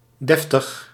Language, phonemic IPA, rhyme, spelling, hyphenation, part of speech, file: Dutch, /ˈdɛf.təx/, -ɛftəx, deftig, def‧tig, adjective, Nl-deftig.ogg
- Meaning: 1. proper, decent 2. stylish, distinguished, genteel (showing high social class) 3. pompous